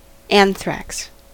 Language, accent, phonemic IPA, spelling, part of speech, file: English, US, /ˈæn.θɹæks/, anthrax, noun, En-us-anthrax.ogg
- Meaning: An acute infectious disease of herbivores, especially sheep and cattle, caused by Bacillus anthracis